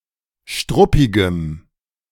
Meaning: strong dative masculine/neuter singular of struppig
- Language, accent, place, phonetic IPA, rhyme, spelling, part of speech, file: German, Germany, Berlin, [ˈʃtʁʊpɪɡəm], -ʊpɪɡəm, struppigem, adjective, De-struppigem.ogg